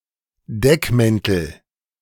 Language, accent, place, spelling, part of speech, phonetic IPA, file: German, Germany, Berlin, Deckmäntel, noun, [ˈdɛkˌmɛntl̩], De-Deckmäntel.ogg
- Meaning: nominative/accusative/genitive plural of Deckmantel